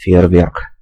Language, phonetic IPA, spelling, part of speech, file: Russian, [fʲɪ(j)ɪrˈvʲerk], фейерверк, noun, Ru-Feuerwerk.ogg
- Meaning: 1. firework 2. firecracker